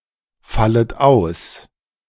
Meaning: second-person plural subjunctive I of ausfallen
- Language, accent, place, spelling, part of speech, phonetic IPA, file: German, Germany, Berlin, fallet aus, verb, [ˌfalət ˈaʊ̯s], De-fallet aus.ogg